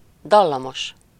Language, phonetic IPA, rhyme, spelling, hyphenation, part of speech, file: Hungarian, [ˈdɒlːɒmoʃ], -oʃ, dallamos, dal‧la‧mos, adjective, Hu-dallamos.ogg
- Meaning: melodious, melodic, tuneful (having or producing a pleasing tune)